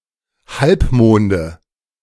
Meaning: nominative/accusative/genitive plural of Halbmond
- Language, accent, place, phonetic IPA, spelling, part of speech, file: German, Germany, Berlin, [ˈhalpˌmoːndə], Halbmonde, noun, De-Halbmonde.ogg